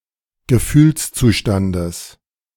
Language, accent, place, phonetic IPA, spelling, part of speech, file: German, Germany, Berlin, [ɡəˈfyːlst͡suːˌʃtandəs], Gefühlszustandes, noun, De-Gefühlszustandes.ogg
- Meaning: genitive of Gefühlszustand